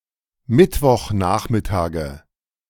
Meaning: nominative/accusative/genitive plural of Mittwochnachmittag
- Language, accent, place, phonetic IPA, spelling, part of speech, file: German, Germany, Berlin, [ˈmɪtvɔxˌnaːxmɪtaːɡə], Mittwochnachmittage, noun, De-Mittwochnachmittage.ogg